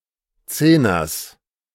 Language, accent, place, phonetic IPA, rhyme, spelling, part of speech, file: German, Germany, Berlin, [ˈt͡seːnɐs], -eːnɐs, Zehners, noun, De-Zehners.ogg
- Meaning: genitive singular of Zehner